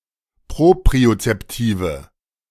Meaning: inflection of propriozeptiv: 1. strong/mixed nominative/accusative feminine singular 2. strong nominative/accusative plural 3. weak nominative all-gender singular
- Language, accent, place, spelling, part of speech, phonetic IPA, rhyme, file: German, Germany, Berlin, propriozeptive, adjective, [ˌpʁopʁiot͡sɛpˈtiːvə], -iːvə, De-propriozeptive.ogg